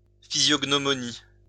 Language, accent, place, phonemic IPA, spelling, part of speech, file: French, France, Lyon, /fi.zjɔɡ.nɔ.mɔ.ni/, physiognomonie, noun, LL-Q150 (fra)-physiognomonie.wav
- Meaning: physiognomy